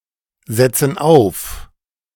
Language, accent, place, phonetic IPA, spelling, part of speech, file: German, Germany, Berlin, [ˌzɛt͡sn̩ ˈaʊ̯f], setzen auf, verb, De-setzen auf.ogg
- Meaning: inflection of aufsetzen: 1. first/third-person plural present 2. first/third-person plural subjunctive I